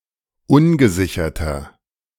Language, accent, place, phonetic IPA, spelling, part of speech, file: German, Germany, Berlin, [ˈʊnɡəˌzɪçɐtɐ], ungesicherter, adjective, De-ungesicherter.ogg
- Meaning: inflection of ungesichert: 1. strong/mixed nominative masculine singular 2. strong genitive/dative feminine singular 3. strong genitive plural